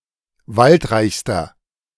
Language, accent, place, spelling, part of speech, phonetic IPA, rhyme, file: German, Germany, Berlin, waldreichster, adjective, [ˈvaltˌʁaɪ̯çstɐ], -altʁaɪ̯çstɐ, De-waldreichster.ogg
- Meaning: inflection of waldreich: 1. strong/mixed nominative masculine singular superlative degree 2. strong genitive/dative feminine singular superlative degree 3. strong genitive plural superlative degree